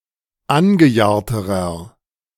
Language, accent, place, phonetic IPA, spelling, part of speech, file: German, Germany, Berlin, [ˈanɡəˌjaːɐ̯təʁɐ], angejahrterer, adjective, De-angejahrterer.ogg
- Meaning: inflection of angejahrt: 1. strong/mixed nominative masculine singular comparative degree 2. strong genitive/dative feminine singular comparative degree 3. strong genitive plural comparative degree